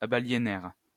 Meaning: third-person plural past historic of abaliéner
- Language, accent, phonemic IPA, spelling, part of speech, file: French, France, /a.ba.lje.nɛʁ/, abaliénèrent, verb, LL-Q150 (fra)-abaliénèrent.wav